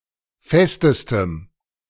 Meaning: strong dative masculine/neuter singular superlative degree of fest
- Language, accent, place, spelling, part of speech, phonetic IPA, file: German, Germany, Berlin, festestem, adjective, [ˈfɛstəstəm], De-festestem.ogg